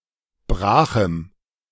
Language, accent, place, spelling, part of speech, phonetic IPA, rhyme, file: German, Germany, Berlin, brachem, adjective, [ˈbʁaːxm̩], -aːxm̩, De-brachem.ogg
- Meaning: strong dative masculine/neuter singular of brach